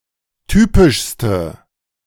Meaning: inflection of typisch: 1. strong/mixed nominative/accusative feminine singular superlative degree 2. strong nominative/accusative plural superlative degree
- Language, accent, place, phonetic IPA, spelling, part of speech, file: German, Germany, Berlin, [ˈtyːpɪʃstə], typischste, adjective, De-typischste.ogg